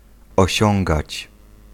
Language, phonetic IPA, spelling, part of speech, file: Polish, [ɔˈɕɔ̃ŋɡat͡ɕ], osiągać, verb, Pl-osiągać.ogg